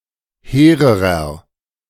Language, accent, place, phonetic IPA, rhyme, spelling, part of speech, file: German, Germany, Berlin, [ˈheːʁəʁɐ], -eːʁəʁɐ, hehrerer, adjective, De-hehrerer.ogg
- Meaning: inflection of hehr: 1. strong/mixed nominative masculine singular comparative degree 2. strong genitive/dative feminine singular comparative degree 3. strong genitive plural comparative degree